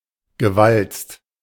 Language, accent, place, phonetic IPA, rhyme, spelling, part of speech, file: German, Germany, Berlin, [ɡəˈvalt͡st], -alt͡st, gewalzt, verb, De-gewalzt.ogg
- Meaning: past participle of walzen